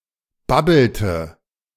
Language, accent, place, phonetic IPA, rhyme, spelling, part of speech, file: German, Germany, Berlin, [ˈbabl̩tə], -abl̩tə, babbelte, verb, De-babbelte.ogg
- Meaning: inflection of babbeln: 1. first/third-person singular preterite 2. first/third-person singular subjunctive II